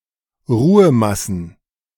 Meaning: plural of Ruhemasse
- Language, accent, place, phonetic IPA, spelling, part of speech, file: German, Germany, Berlin, [ˈʁuːəˌmasn̩], Ruhemassen, noun, De-Ruhemassen.ogg